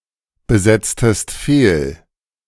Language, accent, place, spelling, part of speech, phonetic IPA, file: German, Germany, Berlin, besetztest fehl, verb, [bəˌzɛt͡stəst ˈfeːl], De-besetztest fehl.ogg
- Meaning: inflection of fehlbesetzen: 1. second-person singular preterite 2. second-person singular subjunctive II